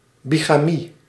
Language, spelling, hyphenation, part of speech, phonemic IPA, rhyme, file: Dutch, bigamie, bi‧ga‧mie, noun, /ˌbi.ɣaːˈmi/, -i, Nl-bigamie.ogg
- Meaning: bigamy